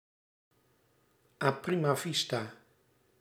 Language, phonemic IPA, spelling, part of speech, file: Dutch, /aː ˌpri.maː ˌvis.taː/, a prima vista, adverb, Nl-a prima vista.ogg
- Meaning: 1. at first sight 2. sight-read